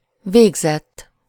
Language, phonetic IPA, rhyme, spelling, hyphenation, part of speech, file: Hungarian, [ˈveːɡzɛtː], -ɛtː, végzett, vég‧zett, verb / adjective, Hu-végzett.ogg
- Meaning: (verb) 1. third-person singular indicative past indefinite of végez 2. past participle of végez; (adjective) 1. finished, done 2. graduated